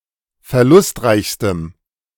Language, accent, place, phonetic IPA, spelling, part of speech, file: German, Germany, Berlin, [fɛɐ̯ˈlʊstˌʁaɪ̯çstəm], verlustreichstem, adjective, De-verlustreichstem.ogg
- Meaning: strong dative masculine/neuter singular superlative degree of verlustreich